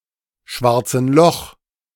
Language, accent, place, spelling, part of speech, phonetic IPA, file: German, Germany, Berlin, schwarzen Loch, noun, [ˈʃvaʁt͡sn̩ lɔx], De-schwarzen Loch.ogg
- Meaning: dative singular of schwarzes Loch